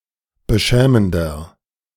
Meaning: 1. comparative degree of beschämend 2. inflection of beschämend: strong/mixed nominative masculine singular 3. inflection of beschämend: strong genitive/dative feminine singular
- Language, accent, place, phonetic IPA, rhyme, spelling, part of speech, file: German, Germany, Berlin, [bəˈʃɛːməndɐ], -ɛːməndɐ, beschämender, adjective, De-beschämender.ogg